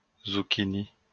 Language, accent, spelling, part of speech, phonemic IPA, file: French, France, zucchini, noun, /zu.ki.ni/, LL-Q150 (fra)-zucchini.wav
- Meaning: zucchini